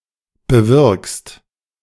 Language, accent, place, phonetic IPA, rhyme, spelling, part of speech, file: German, Germany, Berlin, [bəˈvɪʁkst], -ɪʁkst, bewirkst, verb, De-bewirkst.ogg
- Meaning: second-person singular present of bewirken